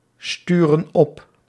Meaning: inflection of opsturen: 1. plural present indicative 2. plural present subjunctive
- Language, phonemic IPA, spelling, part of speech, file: Dutch, /ˈstyrə(n) ˈɔp/, sturen op, verb, Nl-sturen op.ogg